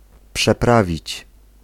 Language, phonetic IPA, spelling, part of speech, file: Polish, [pʃɛˈpravʲit͡ɕ], przeprawić, verb, Pl-przeprawić.ogg